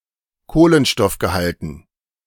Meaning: dative plural of Kohlenstoffgehalt
- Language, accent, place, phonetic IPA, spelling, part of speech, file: German, Germany, Berlin, [ˈkoːlənʃtɔfɡəˌhaltn̩], Kohlenstoffgehalten, noun, De-Kohlenstoffgehalten.ogg